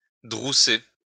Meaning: to card and oil woollen cloth
- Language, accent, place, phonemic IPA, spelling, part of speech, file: French, France, Lyon, /dʁu.se/, drousser, verb, LL-Q150 (fra)-drousser.wav